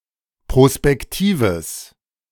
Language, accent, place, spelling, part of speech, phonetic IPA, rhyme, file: German, Germany, Berlin, prospektives, adjective, [pʁospɛkˈtiːvəs], -iːvəs, De-prospektives.ogg
- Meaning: strong/mixed nominative/accusative neuter singular of prospektiv